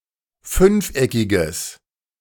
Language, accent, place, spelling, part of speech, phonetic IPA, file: German, Germany, Berlin, fünfeckiges, adjective, [ˈfʏnfˌʔɛkɪɡəs], De-fünfeckiges.ogg
- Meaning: strong/mixed nominative/accusative neuter singular of fünfeckig